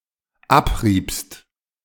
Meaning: second-person plural dependent preterite of abreiben
- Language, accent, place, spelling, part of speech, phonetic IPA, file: German, Germany, Berlin, abriebt, verb, [ˈapˌʁiːpt], De-abriebt.ogg